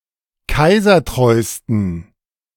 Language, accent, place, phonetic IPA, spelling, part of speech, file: German, Germany, Berlin, [ˈkaɪ̯zɐˌtʁɔɪ̯stn̩], kaisertreusten, adjective, De-kaisertreusten.ogg
- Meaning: 1. superlative degree of kaisertreu 2. inflection of kaisertreu: strong genitive masculine/neuter singular superlative degree